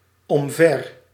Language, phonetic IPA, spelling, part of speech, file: Dutch, [ɔm.ˈvɛr], omver, adverb, Nl-omver.ogg
- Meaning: 1. in a way to cause something to be knocked over 2. having fallen over